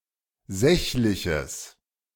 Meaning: strong/mixed nominative/accusative neuter singular of sächlich
- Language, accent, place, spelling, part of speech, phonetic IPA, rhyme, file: German, Germany, Berlin, sächliches, adjective, [ˈzɛçlɪçəs], -ɛçlɪçəs, De-sächliches.ogg